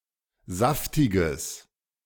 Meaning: strong/mixed nominative/accusative neuter singular of saftig
- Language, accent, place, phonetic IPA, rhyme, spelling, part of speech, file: German, Germany, Berlin, [ˈzaftɪɡəs], -aftɪɡəs, saftiges, adjective, De-saftiges.ogg